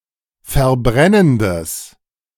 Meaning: strong/mixed nominative/accusative neuter singular of verbrennend
- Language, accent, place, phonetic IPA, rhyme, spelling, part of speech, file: German, Germany, Berlin, [fɛɐ̯ˈbʁɛnəndəs], -ɛnəndəs, verbrennendes, adjective, De-verbrennendes.ogg